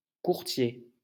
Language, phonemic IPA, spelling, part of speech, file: French, /kuʁ.tje/, courtier, noun, LL-Q150 (fra)-courtier.wav
- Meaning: broker; stockbroker